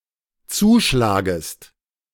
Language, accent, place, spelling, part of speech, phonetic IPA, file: German, Germany, Berlin, zuschlagest, verb, [ˈt͡suːˌʃlaːɡəst], De-zuschlagest.ogg
- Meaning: second-person singular dependent subjunctive I of zuschlagen